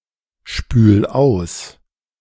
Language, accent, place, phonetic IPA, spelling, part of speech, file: German, Germany, Berlin, [ˌʃpyːl ˈaʊ̯s], spül aus, verb, De-spül aus.ogg
- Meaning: 1. singular imperative of ausspülen 2. first-person singular present of ausspülen